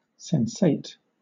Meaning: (adjective) 1. Perceived by one or more of the senses 2. Having the ability to sense things physically 3. Felt or apprehended through a sense, or the senses
- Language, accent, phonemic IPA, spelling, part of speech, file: English, Southern England, /ˈsɛn.seɪt/, sensate, adjective / verb, LL-Q1860 (eng)-sensate.wav